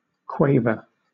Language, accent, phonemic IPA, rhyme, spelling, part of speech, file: English, Southern England, /ˈkweɪvə(ɹ)/, -eɪvə(ɹ), quaver, noun / verb, LL-Q1860 (eng)-quaver.wav
- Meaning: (noun) 1. A trembling shake 2. A trembling of the voice, as in speaking or singing 3. an eighth note, drawn as a crotchet (quarter note) with a tail; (verb) To shake in a trembling manner